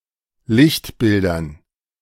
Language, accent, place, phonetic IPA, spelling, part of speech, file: German, Germany, Berlin, [ˈlɪçtˌbɪldɐn], Lichtbildern, noun, De-Lichtbildern.ogg
- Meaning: dative plural of Lichtbild